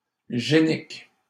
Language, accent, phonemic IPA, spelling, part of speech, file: French, Canada, /ʒe.nik/, génique, adjective, LL-Q150 (fra)-génique.wav
- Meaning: gene